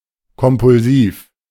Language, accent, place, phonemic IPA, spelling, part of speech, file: German, Germany, Berlin, /kɔmpʊlˈziːf/, kompulsiv, adjective, De-kompulsiv.ogg
- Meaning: compulsive